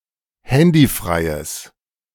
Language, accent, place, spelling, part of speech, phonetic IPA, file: German, Germany, Berlin, handyfreies, adjective, [ˈhɛndiˌfʁaɪ̯əs], De-handyfreies.ogg
- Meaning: strong/mixed nominative/accusative neuter singular of handyfrei